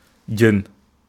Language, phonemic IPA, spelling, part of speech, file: Wolof, /ɟən/, jën, noun, Wo-jën.ogg
- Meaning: fish